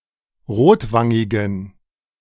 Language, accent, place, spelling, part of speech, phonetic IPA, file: German, Germany, Berlin, rotwangigen, adjective, [ˈʁoːtˌvaŋɪɡn̩], De-rotwangigen.ogg
- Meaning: inflection of rotwangig: 1. strong genitive masculine/neuter singular 2. weak/mixed genitive/dative all-gender singular 3. strong/weak/mixed accusative masculine singular 4. strong dative plural